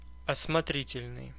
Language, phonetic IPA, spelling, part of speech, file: Russian, [ɐsmɐˈtrʲitʲɪlʲnɨj], осмотрительный, adjective, Ru-осмотрительный.ogg
- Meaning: 1. prudent, circumspect 2. wary